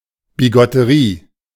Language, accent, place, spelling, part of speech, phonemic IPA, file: German, Germany, Berlin, Bigotterie, noun, /biˌɡɔtəˈʁiː/, De-Bigotterie.ogg
- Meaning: 1. sanctimony; hypocrisy 2. narrow-mindedness; bigotry; but less associated with racism than the contemporary English word